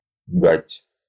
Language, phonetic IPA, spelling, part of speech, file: Russian, [ɡatʲ], гать, noun, Ru-гать.ogg
- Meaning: a causeway through swamps, made from logs or brushwood, a corduroy road